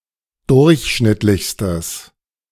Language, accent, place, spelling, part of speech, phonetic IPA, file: German, Germany, Berlin, durchschnittlichstes, adjective, [ˈdʊʁçˌʃnɪtlɪçstəs], De-durchschnittlichstes.ogg
- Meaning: strong/mixed nominative/accusative neuter singular superlative degree of durchschnittlich